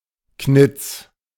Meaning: 1. useless, rotten, corrupt 2. clever, savvy
- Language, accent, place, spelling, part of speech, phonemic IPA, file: German, Germany, Berlin, knitz, adjective, /knɪt͡s/, De-knitz.ogg